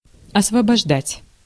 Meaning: 1. to free, to liberate, to emancipate, to set free 2. to free (from); to exempt (from) 3. to dismiss 4. to clear, to empty
- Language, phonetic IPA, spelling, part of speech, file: Russian, [ɐsvəbɐʐˈdatʲ], освобождать, verb, Ru-освобождать.ogg